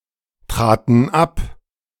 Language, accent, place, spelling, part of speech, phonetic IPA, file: German, Germany, Berlin, traten ab, verb, [ˌtʁaːtn̩ ˈap], De-traten ab.ogg
- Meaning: first/third-person plural preterite of abtreten